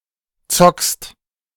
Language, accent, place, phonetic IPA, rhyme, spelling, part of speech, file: German, Germany, Berlin, [t͡sɔkst], -ɔkst, zockst, verb, De-zockst.ogg
- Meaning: second-person singular present of zocken